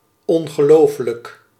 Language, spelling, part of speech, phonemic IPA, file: Dutch, ongelofelijk, adjective, /ˌɔŋɣəˈlofələk/, Nl-ongelofelijk.ogg
- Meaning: alternative form of ongelooflijk